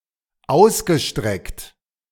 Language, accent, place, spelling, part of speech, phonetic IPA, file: German, Germany, Berlin, ausgestreckt, verb, [ˈaʊ̯sɡəˌʃtʁɛkt], De-ausgestreckt.ogg
- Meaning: past participle of ausstrecken